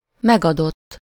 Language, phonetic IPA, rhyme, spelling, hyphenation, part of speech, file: Hungarian, [ˈmɛɡɒdotː], -otː, megadott, meg‧adott, verb, Hu-megadott.ogg
- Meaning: 1. third-person singular indicative past indefinite of megad 2. past participle of megad: given, entered, repaid etc